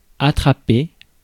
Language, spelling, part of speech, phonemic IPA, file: French, attraper, verb, /a.tʁa.pe/, Fr-attraper.ogg
- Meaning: 1. to trap (to capture in a trap) 2. to catch (e.g. a ball) 3. to catch (a cold etc.)